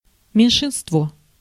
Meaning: minority (subgroup that does not form a numerical majority)
- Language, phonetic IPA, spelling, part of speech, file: Russian, [mʲɪnʲʂɨnstˈvo], меньшинство, noun, Ru-меньшинство.ogg